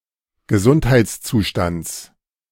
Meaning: genitive of Gesundheitszustand
- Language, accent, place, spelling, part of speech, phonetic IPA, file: German, Germany, Berlin, Gesundheitszustands, noun, [ɡəˈzʊnthaɪ̯t͡sˌt͡suːʃtant͡s], De-Gesundheitszustands.ogg